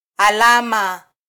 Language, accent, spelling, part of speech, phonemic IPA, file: Swahili, Kenya, alama, noun, /ɑˈlɑ.mɑ/, Sw-ke-alama.flac
- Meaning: 1. mark, grade (indication for reference or measurement) 2. sign, symbol 3. scar